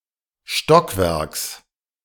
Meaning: genitive singular of Stockwerk
- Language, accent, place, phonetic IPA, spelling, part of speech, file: German, Germany, Berlin, [ˈʃtɔkˌvɛʁks], Stockwerks, noun, De-Stockwerks.ogg